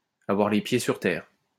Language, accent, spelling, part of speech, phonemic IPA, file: French, France, avoir les pieds sur terre, verb, /a.vwaʁ le pje syʁ tɛʁ/, LL-Q150 (fra)-avoir les pieds sur terre.wav
- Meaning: to have one's feet firmly on the ground, to be realistic, to be practical, to be well-grounded